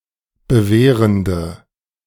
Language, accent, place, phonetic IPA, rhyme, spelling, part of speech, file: German, Germany, Berlin, [bəˈveːʁəndə], -eːʁəndə, bewehrende, adjective, De-bewehrende.ogg
- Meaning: inflection of bewehrend: 1. strong/mixed nominative/accusative feminine singular 2. strong nominative/accusative plural 3. weak nominative all-gender singular